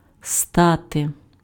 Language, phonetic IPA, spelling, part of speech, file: Ukrainian, [ˈstate], стати, verb, Uk-стати.ogg
- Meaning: to become